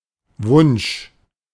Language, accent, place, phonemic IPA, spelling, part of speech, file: German, Germany, Berlin, /vʊnʃ/, Wunsch, noun, De-Wunsch.ogg
- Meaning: 1. wish (an act of wishing) 2. wish (that which one wishes)